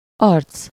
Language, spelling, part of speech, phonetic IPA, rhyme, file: Hungarian, arc, noun, [ˈɒrt͡s], -ɒrt͡s, Hu-arc.ogg
- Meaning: 1. face 2. cheek 3. sight, view, aspect, appearance 4. chap, guy, dude, bloke, fellow